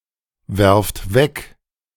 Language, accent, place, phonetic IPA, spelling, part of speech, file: German, Germany, Berlin, [ˌvɛʁft ˈvɛk], werft weg, verb, De-werft weg.ogg
- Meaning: second-person plural present of wegwerfen